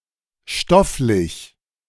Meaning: 1. material, physical, substantial (having to do with the material world) 2. regarding subject matter, thematic, with regard to the subject 3. made of cloth
- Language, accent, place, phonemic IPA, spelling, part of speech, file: German, Germany, Berlin, /ˈʃtɔflɪç/, stofflich, adjective, De-stofflich.ogg